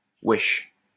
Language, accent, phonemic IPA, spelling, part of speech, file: French, France, /wɛʃ/, wesh, interjection / noun, LL-Q150 (fra)-wesh.wav
- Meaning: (interjection) 1. Stresses or emphasizes a fact or event 2. Indicates or emphasizes shock or surprise at a fact or event 3. Introduces a vocative 4. hello, hey, hi, yo 5. what's up? 6. A filler word